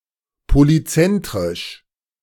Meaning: polycentric
- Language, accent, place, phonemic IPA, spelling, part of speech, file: German, Germany, Berlin, /poliˈt͡sɛntʁɪʃ/, polyzentrisch, adjective, De-polyzentrisch.ogg